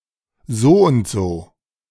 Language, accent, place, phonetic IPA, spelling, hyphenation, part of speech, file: German, Germany, Berlin, [ˈzoːʊntz̥oː], Soundso, So‧und‧so, noun, De-Soundso.ogg
- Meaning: so-and-so, such-and-such